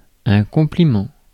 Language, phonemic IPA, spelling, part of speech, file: French, /kɔ̃.pli.mɑ̃/, compliment, noun, Fr-compliment.ogg
- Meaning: compliment (positive comment)